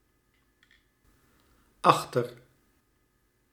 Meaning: a prefix appended to a small group of verbs; where it means after-, behind
- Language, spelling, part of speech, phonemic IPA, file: Dutch, achter-, prefix, /ˈɑx.tər/, Nl-achter-.ogg